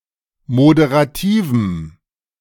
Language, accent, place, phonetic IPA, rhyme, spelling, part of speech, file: German, Germany, Berlin, [modeʁaˈtiːvm̩], -iːvm̩, moderativem, adjective, De-moderativem.ogg
- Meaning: strong dative masculine/neuter singular of moderativ